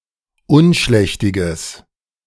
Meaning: strong/mixed nominative/accusative neuter singular of unschlächtig
- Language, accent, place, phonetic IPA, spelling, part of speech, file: German, Germany, Berlin, [ˈʊnˌʃlɛçtɪɡəs], unschlächtiges, adjective, De-unschlächtiges.ogg